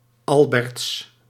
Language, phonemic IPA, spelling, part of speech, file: Dutch, /ˈɑl.bərts/, Alberts, proper noun, Nl-Alberts.ogg
- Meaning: a surname originating as a patronymic